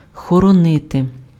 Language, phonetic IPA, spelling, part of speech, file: Ukrainian, [xɔrɔˈnɪte], хоронити, verb, Uk-хоронити.ogg
- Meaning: 1. to bury, to inter 2. to guard, to safeguard 3. to keep, to preserve, to conserve